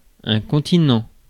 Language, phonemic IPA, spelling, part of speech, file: French, /kɔ̃.ti.nɑ̃/, continent, noun, Fr-continent.ogg
- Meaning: continent